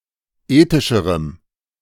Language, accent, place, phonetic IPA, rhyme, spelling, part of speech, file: German, Germany, Berlin, [ˈeːtɪʃəʁəm], -eːtɪʃəʁəm, ethischerem, adjective, De-ethischerem.ogg
- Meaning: strong dative masculine/neuter singular comparative degree of ethisch